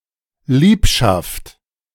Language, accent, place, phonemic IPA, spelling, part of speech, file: German, Germany, Berlin, /ˈliːpʃaft/, Liebschaft, noun, De-Liebschaft.ogg
- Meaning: liaison